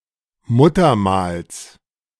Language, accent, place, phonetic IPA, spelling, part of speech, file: German, Germany, Berlin, [ˈmuːtɐˌmaːls], Muttermals, noun, De-Muttermals.ogg
- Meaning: genitive singular of Muttermal